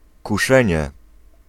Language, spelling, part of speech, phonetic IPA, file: Polish, kuszenie, noun, [kuˈʃɛ̃ɲɛ], Pl-kuszenie.ogg